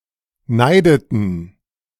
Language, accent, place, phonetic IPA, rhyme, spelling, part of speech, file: German, Germany, Berlin, [ˈnaɪ̯dətn̩], -aɪ̯dətn̩, neideten, verb, De-neideten.ogg
- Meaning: inflection of neiden: 1. first/third-person plural preterite 2. first/third-person plural subjunctive II